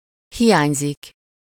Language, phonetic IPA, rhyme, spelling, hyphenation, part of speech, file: Hungarian, [ˈhijaːɲzik], -aːɲzik, hiányzik, hi‧ány‧zik, verb, Hu-hiányzik.ogg
- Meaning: 1. to be absent 2. to be missing, missed (in emotional sense as well)